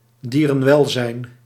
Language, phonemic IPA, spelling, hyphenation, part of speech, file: Dutch, /ˌdiː.rə(n)ˈʋɛl.zɛi̯n/, dierenwelzijn, die‧ren‧wel‧zijn, noun, Nl-dierenwelzijn.ogg
- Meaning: animal welfare